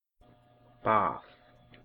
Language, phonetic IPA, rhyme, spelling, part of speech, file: Icelandic, [ˈpaːð], -aːð, bað, noun, Is-bað.ogg
- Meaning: 1. bath 2. bathroom